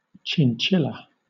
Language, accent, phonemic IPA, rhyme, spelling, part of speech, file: English, Southern England, /t͡ʃɪnˈt͡ʃɪlə/, -ɪlə, chinchilla, noun, LL-Q1860 (eng)-chinchilla.wav
- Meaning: 1. A small, crepuscular rodent of the genus Chinchilla, native to the Andes Mountains, prized for their very soft fur and often kept as pets 2. The fur of a chinchilla, used for clothing